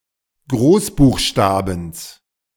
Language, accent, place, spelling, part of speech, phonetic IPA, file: German, Germany, Berlin, Großbuchstabens, noun, [ˈɡʁoːsbuːxˌʃtaːbn̩s], De-Großbuchstabens.ogg
- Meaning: genitive of Großbuchstabe